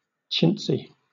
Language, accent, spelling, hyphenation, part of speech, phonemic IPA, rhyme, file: English, Southern England, chintzy, chint‧zy, adjective, /ˈt͡ʃɪntsi/, -ɪntsi, LL-Q1860 (eng)-chintzy.wav
- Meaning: 1. Of or decorated with chintz 2. Tastelessly showy; cheap, gaudy, or tacky 3. Excessively reluctant to spend; miserly, stingy